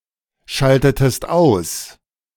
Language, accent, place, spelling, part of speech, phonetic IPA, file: German, Germany, Berlin, schaltetest aus, verb, [ˌʃaltətəst ˈaʊ̯s], De-schaltetest aus.ogg
- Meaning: inflection of ausschalten: 1. second-person singular preterite 2. second-person singular subjunctive II